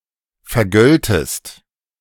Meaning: second-person singular subjunctive II of vergelten
- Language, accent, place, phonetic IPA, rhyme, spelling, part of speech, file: German, Germany, Berlin, [fɛɐ̯ˈɡœltəst], -œltəst, vergöltest, verb, De-vergöltest.ogg